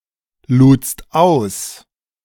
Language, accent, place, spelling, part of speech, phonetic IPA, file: German, Germany, Berlin, ludst aus, verb, [ˌluːt͡st ˈaʊ̯s], De-ludst aus.ogg
- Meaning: second-person singular preterite of ausladen